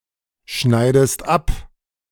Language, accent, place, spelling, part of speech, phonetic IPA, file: German, Germany, Berlin, schneidest ab, verb, [ˌʃnaɪ̯dəst ˈap], De-schneidest ab.ogg
- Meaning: inflection of abschneiden: 1. second-person singular present 2. second-person singular subjunctive I